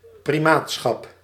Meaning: primacy (as ecclesiastical office)
- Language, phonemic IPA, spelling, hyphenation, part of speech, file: Dutch, /priˈmatsxɑp/, primaatschap, pri‧maat‧schap, noun, Nl-primaatschap.ogg